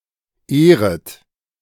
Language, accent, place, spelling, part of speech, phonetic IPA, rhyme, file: German, Germany, Berlin, ehret, verb, [ˈeːʁət], -eːʁət, De-ehret.ogg
- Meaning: second-person plural subjunctive I of ehren